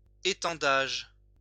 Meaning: 1. extension (act of extending) 2. clothesline
- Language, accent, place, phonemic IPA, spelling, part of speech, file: French, France, Lyon, /e.tɑ̃.daʒ/, étendage, noun, LL-Q150 (fra)-étendage.wav